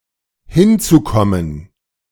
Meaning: to be added
- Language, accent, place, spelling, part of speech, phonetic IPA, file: German, Germany, Berlin, hinzukommen, verb, [ˈhɪnt͡suˌkɔmən], De-hinzukommen.ogg